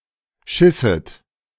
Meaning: second-person plural subjunctive II of scheißen
- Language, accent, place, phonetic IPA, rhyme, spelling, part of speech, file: German, Germany, Berlin, [ˈʃɪsət], -ɪsət, schisset, verb, De-schisset.ogg